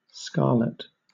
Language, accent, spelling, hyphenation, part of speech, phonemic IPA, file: English, Southern England, scarlet, scar‧let, noun / adjective / verb, /ˈskɑːlɪt/, LL-Q1860 (eng)-scarlet.wav
- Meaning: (noun) 1. A brilliant red colour sometimes tinged with orange 2. Cloth of a scarlet color; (adjective) 1. Of a bright red colour 2. Sinful or whorish 3. Blushing; embarrassed or mortified